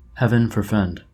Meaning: Used to express that one hopes that something does not happen
- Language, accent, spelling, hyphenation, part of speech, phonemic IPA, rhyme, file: English, General American, heaven forfend, heav‧en for‧fend, interjection, /ˌhɛv(ə)n fɔɹˈfɛnd/, -ɛnd, En-us-heaven forfend.oga